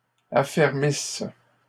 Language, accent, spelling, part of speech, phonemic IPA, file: French, Canada, affermissent, verb, /a.fɛʁ.mis/, LL-Q150 (fra)-affermissent.wav
- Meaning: inflection of affermir: 1. third-person plural present indicative/subjunctive 2. third-person plural imperfect subjunctive